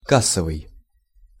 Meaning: 1. cash desk, cash register 2. cash 3. box office 4. successful in box-office terms
- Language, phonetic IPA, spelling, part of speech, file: Russian, [ˈkas(ː)əvɨj], кассовый, adjective, Ru-кассовый.ogg